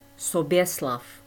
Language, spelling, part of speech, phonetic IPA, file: Czech, Soběslav, proper noun, [ˈsobjɛslaf], Cs Soběslav.ogg
- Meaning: a male given name